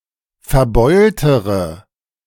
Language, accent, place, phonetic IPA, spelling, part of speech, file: German, Germany, Berlin, [fɛɐ̯ˈbɔɪ̯ltəʁə], verbeultere, adjective, De-verbeultere.ogg
- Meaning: inflection of verbeult: 1. strong/mixed nominative/accusative feminine singular comparative degree 2. strong nominative/accusative plural comparative degree